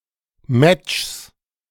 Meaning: 1. genitive singular of Match 2. nominative/accusative/genitive plural of Match
- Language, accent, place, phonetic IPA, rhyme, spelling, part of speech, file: German, Germany, Berlin, [mɛt͡ʃs], -ɛt͡ʃs, Matchs, noun, De-Matchs.ogg